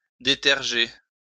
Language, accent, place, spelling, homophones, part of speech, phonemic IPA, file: French, France, Lyon, déterger, détergé / détergée / détergées / détergés, verb, /de.tɛʁ.ʒe/, LL-Q150 (fra)-déterger.wav
- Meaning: "(med.) to deterge; to absterge, to cleanse"